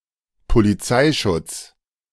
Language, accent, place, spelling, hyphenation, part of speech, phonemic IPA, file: German, Germany, Berlin, Polizeischutz, Po‧li‧zei‧schutz, noun, /poliˈt͡saɪ̯ˌʃʊt͡s/, De-Polizeischutz.ogg
- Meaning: police protection